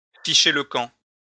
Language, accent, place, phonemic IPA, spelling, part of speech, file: French, France, Lyon, /fi.ʃe l(ə) kɑ̃/, ficher le camp, verb, LL-Q150 (fra)-ficher le camp.wav
- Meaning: to get the hell out; to get out of here; to bugger off; to scarper